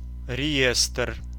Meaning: 1. register, registry 2. roll (an official or public document)
- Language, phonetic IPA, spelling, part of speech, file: Russian, [rʲɪˈjestr], реестр, noun, Ru-реестр.ogg